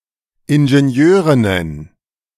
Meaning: plural of Ingenieurin
- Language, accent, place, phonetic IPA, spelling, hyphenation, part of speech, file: German, Germany, Berlin, [ɪnʒenˈjøːʁɪnən], Ingenieurinnen, In‧ge‧ni‧eu‧rin‧nen, noun, De-Ingenieurinnen.ogg